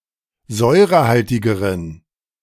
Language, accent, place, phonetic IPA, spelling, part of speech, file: German, Germany, Berlin, [ˈzɔɪ̯ʁəˌhaltɪɡəʁən], säurehaltigeren, adjective, De-säurehaltigeren.ogg
- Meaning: inflection of säurehaltig: 1. strong genitive masculine/neuter singular comparative degree 2. weak/mixed genitive/dative all-gender singular comparative degree